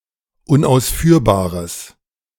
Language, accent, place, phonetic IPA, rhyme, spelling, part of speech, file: German, Germany, Berlin, [ʊnʔaʊ̯sˈfyːɐ̯baːʁəs], -yːɐ̯baːʁəs, unausführbares, adjective, De-unausführbares.ogg
- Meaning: strong/mixed nominative/accusative neuter singular of unausführbar